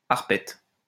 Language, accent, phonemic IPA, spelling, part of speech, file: French, France, /aʁ.pɛt/, arpette, noun, LL-Q150 (fra)-arpette.wav
- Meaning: alternative form of arpète